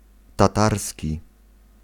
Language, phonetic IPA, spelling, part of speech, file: Polish, [taˈtarsʲci], tatarski, adjective / noun, Pl-tatarski.ogg